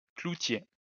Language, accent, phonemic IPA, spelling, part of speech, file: French, France, /klu.tje/, cloutier, noun, LL-Q150 (fra)-cloutier.wav
- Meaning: nailer (person who makes nails)